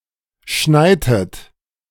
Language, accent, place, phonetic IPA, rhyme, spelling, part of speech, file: German, Germany, Berlin, [ˈʃnaɪ̯tət], -aɪ̯tət, schneitet, verb, De-schneitet.ogg
- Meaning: inflection of schneien: 1. second-person plural preterite 2. second-person plural subjunctive II